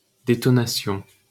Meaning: detonation
- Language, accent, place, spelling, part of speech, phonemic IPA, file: French, France, Paris, détonation, noun, /de.tɔ.na.sjɔ̃/, LL-Q150 (fra)-détonation.wav